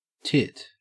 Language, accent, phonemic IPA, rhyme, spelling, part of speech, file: English, Australia, /tɪt/, -ɪt, tit, noun / verb, En-au-tit.ogg
- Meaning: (noun) 1. A person's breast or nipple 2. An animal's teat or udder 3. An idiot; a fool 4. A police officer; a "tithead" 5. A light blow or hit (now usually in the phrase tit for tat)